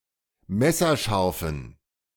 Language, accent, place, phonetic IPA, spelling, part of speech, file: German, Germany, Berlin, [ˈmɛsɐˌʃaʁfn̩], messerscharfen, adjective, De-messerscharfen.ogg
- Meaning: inflection of messerscharf: 1. strong genitive masculine/neuter singular 2. weak/mixed genitive/dative all-gender singular 3. strong/weak/mixed accusative masculine singular 4. strong dative plural